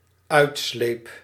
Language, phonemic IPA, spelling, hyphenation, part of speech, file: Dutch, /ˈœy̯tˌsleːp/, uitsleep, uit‧sleep, verb, Nl-uitsleep.ogg
- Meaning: singular dependent-clause past indicative of uitslijpen